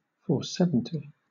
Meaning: A monohull dinghy, 4.7 metres in length, with two sails, designed for two people
- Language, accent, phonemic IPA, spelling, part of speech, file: English, Southern England, /ˌfɔːˈsɛvɨnti/, 470, noun, LL-Q1860 (eng)-470.wav